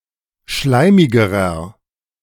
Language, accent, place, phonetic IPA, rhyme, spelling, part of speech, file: German, Germany, Berlin, [ˈʃlaɪ̯mɪɡəʁɐ], -aɪ̯mɪɡəʁɐ, schleimigerer, adjective, De-schleimigerer.ogg
- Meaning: inflection of schleimig: 1. strong/mixed nominative masculine singular comparative degree 2. strong genitive/dative feminine singular comparative degree 3. strong genitive plural comparative degree